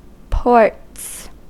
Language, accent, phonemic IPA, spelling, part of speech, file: English, US, /pɔɹts/, ports, noun, En-us-ports.ogg
- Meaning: plural of port